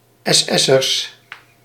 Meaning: plural of SS'er
- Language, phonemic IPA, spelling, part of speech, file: Dutch, /ɛsˈɛsərs/, SS'ers, noun, Nl-SS'ers.ogg